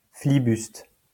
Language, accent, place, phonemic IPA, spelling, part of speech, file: French, France, Lyon, /fli.byst/, flibuste, noun / verb, LL-Q150 (fra)-flibuste.wav
- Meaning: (noun) 1. buccaneering, freebooting 2. buccaneers, freebooters (collectively); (verb) inflection of flibuster: first/third-person singular present indicative/subjunctive